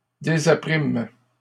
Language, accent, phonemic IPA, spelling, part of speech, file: French, Canada, /de.za.pʁim/, désapprîmes, verb, LL-Q150 (fra)-désapprîmes.wav
- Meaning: first-person plural past historic of désapprendre